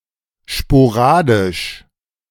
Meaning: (adjective) sporadic; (adverb) sporadically
- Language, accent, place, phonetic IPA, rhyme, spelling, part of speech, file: German, Germany, Berlin, [ʃpoˈʁaːdɪʃ], -aːdɪʃ, sporadisch, adjective, De-sporadisch.ogg